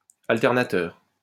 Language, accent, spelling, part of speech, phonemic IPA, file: French, France, alternateur, adjective / noun, /al.tɛʁ.na.tœʁ/, LL-Q150 (fra)-alternateur.wav
- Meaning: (adjective) alternating; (noun) alternator (an electric generator which produces alternating current)